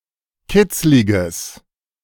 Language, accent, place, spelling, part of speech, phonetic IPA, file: German, Germany, Berlin, kitzliges, adjective, [ˈkɪt͡slɪɡəs], De-kitzliges.ogg
- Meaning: strong/mixed nominative/accusative neuter singular of kitzlig